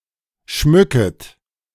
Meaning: second-person plural subjunctive I of schmücken
- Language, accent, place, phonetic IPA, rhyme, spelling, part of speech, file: German, Germany, Berlin, [ˈʃmʏkət], -ʏkət, schmücket, verb, De-schmücket.ogg